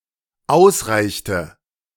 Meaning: inflection of ausreichen: 1. first/third-person singular dependent preterite 2. first/third-person singular dependent subjunctive II
- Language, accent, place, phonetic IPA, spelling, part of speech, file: German, Germany, Berlin, [ˈaʊ̯sˌʁaɪ̯çtə], ausreichte, verb, De-ausreichte.ogg